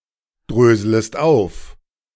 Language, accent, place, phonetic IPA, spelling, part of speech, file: German, Germany, Berlin, [ˌdʁøːzləst ˈaʊ̯f], dröslest auf, verb, De-dröslest auf.ogg
- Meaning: second-person singular subjunctive I of aufdröseln